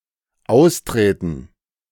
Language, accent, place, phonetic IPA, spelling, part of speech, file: German, Germany, Berlin, [ˈaʊ̯sˌtʁɛːtn̩], austräten, verb, De-austräten.ogg
- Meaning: first/third-person plural dependent subjunctive II of austreten